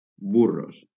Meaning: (adjective) masculine plural of burro; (noun) plural of burro
- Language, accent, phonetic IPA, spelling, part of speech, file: Catalan, Valencia, [ˈbu.ros], burros, adjective / noun, LL-Q7026 (cat)-burros.wav